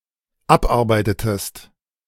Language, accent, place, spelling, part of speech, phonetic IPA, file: German, Germany, Berlin, abarbeitetest, verb, [ˈapˌʔaʁbaɪ̯tətəst], De-abarbeitetest.ogg
- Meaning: inflection of abarbeiten: 1. second-person singular dependent preterite 2. second-person singular dependent subjunctive II